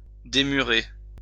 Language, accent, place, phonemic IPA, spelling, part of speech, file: French, France, Lyon, /de.my.ʁe/, démurer, verb, LL-Q150 (fra)-démurer.wav
- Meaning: unwall